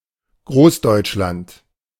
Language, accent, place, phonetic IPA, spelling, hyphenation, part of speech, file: German, Germany, Berlin, [ˈɡʁoːsˌdɔɪ̯t͡ʃlant], Großdeutschland, Groß‧deutsch‧land, proper noun, De-Großdeutschland.ogg
- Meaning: 1. A hypothetical German state envisioned in the March Revolution of 1848–49 that included Austria 2. Nazi Germany after the annexation (or “Anschluss”) of Austria in 1938